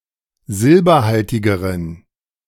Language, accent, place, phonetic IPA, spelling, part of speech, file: German, Germany, Berlin, [ˈzɪlbɐˌhaltɪɡəʁən], silberhaltigeren, adjective, De-silberhaltigeren.ogg
- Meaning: inflection of silberhaltig: 1. strong genitive masculine/neuter singular comparative degree 2. weak/mixed genitive/dative all-gender singular comparative degree